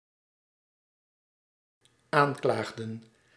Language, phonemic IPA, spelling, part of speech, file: Dutch, /ˈaɲklaɣdə(n)/, aanklaagden, verb, Nl-aanklaagden.ogg
- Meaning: inflection of aanklagen: 1. plural dependent-clause past indicative 2. plural dependent-clause past subjunctive